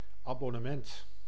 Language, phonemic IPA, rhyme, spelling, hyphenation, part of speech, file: Dutch, /ˌɑ.bɔ.nəˈmɛnt/, -ɛnt, abonnement, abon‧ne‧ment, noun, Nl-abonnement.ogg
- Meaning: 1. subscription 2. season ticket, especially for public transport (train, bus, etc...)